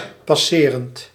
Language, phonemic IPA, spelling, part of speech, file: Dutch, /pɑˈserənt/, passerend, verb / adjective, Nl-passerend.ogg
- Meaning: present participle of passeren